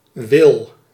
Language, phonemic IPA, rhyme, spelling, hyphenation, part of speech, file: Dutch, /ʋɪl/, -ɪl, wil, wil, noun / verb, Nl-wil.ogg
- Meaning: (noun) will; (verb) inflection of willen: 1. first/second/third-person singular present indicative 2. imperative